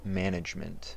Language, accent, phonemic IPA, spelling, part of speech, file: English, US, /ˈmæn.ɪdʒ.mənt/, management, noun, En-us-management.ogg
- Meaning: Administration; the use of limited resources combined with forecasting, planning, leadership and execution skills to achieve predetermined specific goals